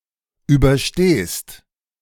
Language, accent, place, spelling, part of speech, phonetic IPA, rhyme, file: German, Germany, Berlin, überstehst, verb, [ˌyːbɐˈʃteːst], -eːst, De-überstehst.ogg
- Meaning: second-person singular present of überstehen